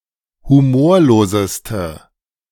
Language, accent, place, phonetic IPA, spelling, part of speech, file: German, Germany, Berlin, [huˈmoːɐ̯loːzəstə], humorloseste, adjective, De-humorloseste.ogg
- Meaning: inflection of humorlos: 1. strong/mixed nominative/accusative feminine singular superlative degree 2. strong nominative/accusative plural superlative degree